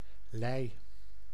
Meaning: lee (side of the ship away from the wind)
- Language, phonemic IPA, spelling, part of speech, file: Dutch, /lɛi̯/, lij, noun, Nl-lij.ogg